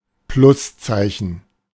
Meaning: plus sign
- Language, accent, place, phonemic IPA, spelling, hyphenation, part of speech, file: German, Germany, Berlin, /ˈplʊsˌtsaɪ̯çən/, Pluszeichen, Plus‧zei‧chen, noun, De-Pluszeichen.ogg